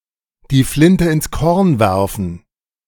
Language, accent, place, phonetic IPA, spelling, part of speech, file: German, Germany, Berlin, [diː ˈflɪntə ɪns kɔʁn ˈvɛʁfən], die Flinte ins Korn werfen, phrase, De-die Flinte ins Korn werfen.ogg
- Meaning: to throw in the towel (to quit; to give up)